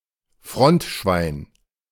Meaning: synonym of Frontsoldat
- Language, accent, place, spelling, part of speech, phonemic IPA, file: German, Germany, Berlin, Frontschwein, noun, /ˈfʁɔntˌʃvaɪ̯n/, De-Frontschwein.ogg